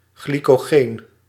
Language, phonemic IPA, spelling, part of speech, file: Dutch, /ˌɣli.koːˈɣeːn/, glycogeen, noun, Nl-glycogeen.ogg
- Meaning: the polysaccharide glycogen, the main form of carbohydrate storage in animals